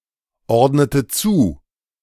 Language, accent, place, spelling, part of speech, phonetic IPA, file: German, Germany, Berlin, ordnete zu, verb, [ˌɔʁdnətə ˈt͡suː], De-ordnete zu.ogg
- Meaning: inflection of zuordnen: 1. first/third-person singular preterite 2. first/third-person singular subjunctive II